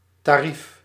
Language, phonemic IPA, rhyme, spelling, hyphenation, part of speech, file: Dutch, /taːˈrif/, -if, tarief, ta‧rief, noun, Nl-tarief.ogg
- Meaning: 1. fee, rate 2. tariff 3. list of prices or rates